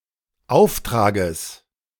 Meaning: genitive singular of Auftrag
- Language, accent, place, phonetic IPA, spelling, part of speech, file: German, Germany, Berlin, [ˈaʊ̯fˌtʁaːɡəs], Auftrages, noun, De-Auftrages.ogg